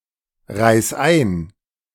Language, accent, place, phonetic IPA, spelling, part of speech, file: German, Germany, Berlin, [ˌʁaɪ̯s ˈaɪ̯n], reis ein, verb, De-reis ein.ogg
- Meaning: 1. singular imperative of einreisen 2. first-person singular present of einreisen